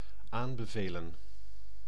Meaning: 1. to recommend 2. to advocate
- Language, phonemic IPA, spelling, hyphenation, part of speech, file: Dutch, /ˈaːm.bəˌveː.lə(n)/, aanbevelen, aan‧be‧ve‧len, verb, Nl-aanbevelen.ogg